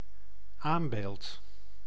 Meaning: 1. anvil (block used in blacksmithing) 2. incus (bone)
- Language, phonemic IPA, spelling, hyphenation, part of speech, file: Dutch, /ˈaːmˌbeːlt/, aambeeld, aam‧beeld, noun, Nl-aambeeld.ogg